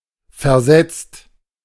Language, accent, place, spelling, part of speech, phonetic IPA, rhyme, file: German, Germany, Berlin, versetzt, verb, [fɛɐ̯ˈzɛt͡st], -ɛt͡st, De-versetzt.ogg
- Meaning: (verb) past participle of versetzen; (adjective) 1. offset 2. shifted, displaced